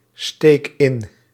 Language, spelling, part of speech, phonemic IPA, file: Dutch, steek in, verb, /ˈstek ˈɪn/, Nl-steek in.ogg
- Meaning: inflection of insteken: 1. first-person singular present indicative 2. second-person singular present indicative 3. imperative